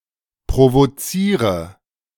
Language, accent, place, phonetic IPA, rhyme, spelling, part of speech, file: German, Germany, Berlin, [pʁovoˈt͡siːʁə], -iːʁə, provoziere, verb, De-provoziere.ogg
- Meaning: inflection of provozieren: 1. first-person singular present 2. singular imperative 3. first/third-person singular subjunctive I